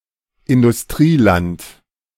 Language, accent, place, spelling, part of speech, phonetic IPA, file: German, Germany, Berlin, Industrieland, noun, [ɪndʊsˈtʁiːˌlant], De-Industrieland.ogg
- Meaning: industrialized country